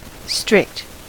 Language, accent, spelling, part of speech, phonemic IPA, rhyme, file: English, US, strict, adjective, /stɹɪkt/, -ɪkt, En-us-strict.ogg
- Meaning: 1. Strained; drawn close; tight 2. Tense; not relaxed 3. Exact; accurate; precise; rigorously particular 4. Governed or governing by exact rules; observing exact rules; severe; rigorous